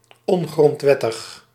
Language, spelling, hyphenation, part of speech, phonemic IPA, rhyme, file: Dutch, ongrondwettig, on‧grond‧wet‧tig, adjective, /ˌɔn.ɣrɔntˈʋɛ.təx/, -ɛtəx, Nl-ongrondwettig.ogg
- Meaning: unconstitutional